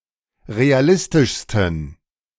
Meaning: 1. superlative degree of realistisch 2. inflection of realistisch: strong genitive masculine/neuter singular superlative degree
- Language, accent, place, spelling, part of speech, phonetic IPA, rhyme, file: German, Germany, Berlin, realistischsten, adjective, [ʁeaˈlɪstɪʃstn̩], -ɪstɪʃstn̩, De-realistischsten.ogg